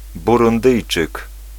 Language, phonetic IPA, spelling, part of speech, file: Polish, [ˌburũnˈdɨjt͡ʃɨk], Burundyjczyk, noun, Pl-Burundyjczyk.ogg